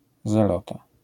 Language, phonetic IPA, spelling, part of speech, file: Polish, [zɛˈlɔta], zelota, noun, LL-Q809 (pol)-zelota.wav